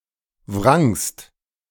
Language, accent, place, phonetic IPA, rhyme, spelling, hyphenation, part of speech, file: German, Germany, Berlin, [vʁaŋst], -aŋst, wrangst, wrangst, verb, De-wrangst.ogg
- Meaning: second-person singular preterite of wringen